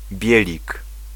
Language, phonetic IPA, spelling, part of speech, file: Polish, [ˈbʲjɛlʲik], bielik, noun, Pl-bielik.ogg